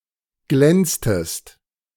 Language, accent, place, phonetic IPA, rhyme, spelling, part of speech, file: German, Germany, Berlin, [ˈɡlɛnt͡stəst], -ɛnt͡stəst, glänztest, verb, De-glänztest.ogg
- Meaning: inflection of glänzen: 1. second-person singular preterite 2. second-person singular subjunctive II